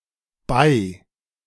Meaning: bay
- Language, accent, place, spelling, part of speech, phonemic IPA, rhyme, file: German, Germany, Berlin, Bai, noun, /ˈbaɪ̯/, -aɪ̯, De-Bai.ogg